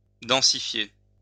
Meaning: to densify, to become denser
- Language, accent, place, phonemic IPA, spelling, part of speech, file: French, France, Lyon, /dɑ̃.si.fje/, densifier, verb, LL-Q150 (fra)-densifier.wav